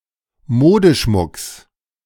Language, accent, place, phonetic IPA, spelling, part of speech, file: German, Germany, Berlin, [ˈmoːdəˌʃmʊks], Modeschmucks, noun, De-Modeschmucks.ogg
- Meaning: genitive singular of Modeschmuck